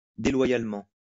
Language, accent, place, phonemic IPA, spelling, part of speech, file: French, France, Lyon, /de.lwa.jal.mɑ̃/, déloyalement, adverb, LL-Q150 (fra)-déloyalement.wav
- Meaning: disloyally, traitorously